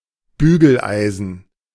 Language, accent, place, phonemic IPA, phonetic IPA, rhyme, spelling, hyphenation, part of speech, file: German, Germany, Berlin, /ˈbyːɡəlˌaɪ̯zən/, [ˈbyː.ɡl̩ˌʔaɪ̯.zn̩], -aɪ̯zn̩, Bügeleisen, Bü‧gel‧ei‧sen, noun, De-Bügeleisen.ogg
- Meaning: iron (for ironing clothes)